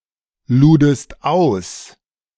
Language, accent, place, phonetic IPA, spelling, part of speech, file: German, Germany, Berlin, [ˌluːdəst ˈaʊ̯s], ludest aus, verb, De-ludest aus.ogg
- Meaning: second-person singular preterite of ausladen